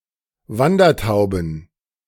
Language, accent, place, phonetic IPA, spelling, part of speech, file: German, Germany, Berlin, [ˈvandɐˌtaʊ̯bn̩], Wandertauben, noun, De-Wandertauben.ogg
- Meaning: plural of Wandertaube